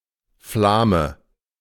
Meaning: Fleming (male or of unspecified gender) (native or inhabitant of Flanders)
- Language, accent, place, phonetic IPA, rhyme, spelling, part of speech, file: German, Germany, Berlin, [ˈflaːmə], -aːmə, Flame, noun, De-Flame.ogg